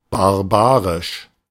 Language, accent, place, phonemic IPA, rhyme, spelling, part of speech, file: German, Germany, Berlin, /baʁˈbaːʁɪʃ/, -aːʁɪʃ, barbarisch, adjective, De-barbarisch.ogg
- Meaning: barbaric, barbarian, barbarous